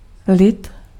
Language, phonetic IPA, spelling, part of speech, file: Czech, [ˈlɪt], lid, noun, Cs-lid.ogg
- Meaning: people